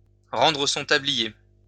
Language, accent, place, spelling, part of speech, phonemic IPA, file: French, France, Lyon, rendre son tablier, verb, /ʁɑ̃.dʁə sɔ̃ ta.bli.je/, LL-Q150 (fra)-rendre son tablier.wav
- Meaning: to hang up one's hat, to quit